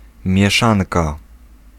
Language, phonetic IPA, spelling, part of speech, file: Polish, [mʲjɛˈʃãnka], mieszanka, noun, Pl-mieszanka.ogg